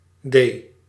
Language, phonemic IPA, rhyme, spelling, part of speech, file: Dutch, /deː/, -eː, d, character, Nl-d.ogg
- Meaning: The fourth letter of the Dutch alphabet, written in the Latin script